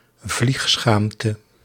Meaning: shame of flying (motorised air travel) because of its impact on the environment
- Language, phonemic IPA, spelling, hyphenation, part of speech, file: Dutch, /ˈvlixˌsxaːm.tə/, vliegschaamte, vlieg‧schaam‧te, noun, Nl-vliegschaamte.ogg